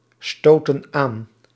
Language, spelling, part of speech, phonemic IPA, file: Dutch, stoten aan, verb, /ˈstotə(n) ˈan/, Nl-stoten aan.ogg
- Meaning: inflection of aanstoten: 1. plural present indicative 2. plural present subjunctive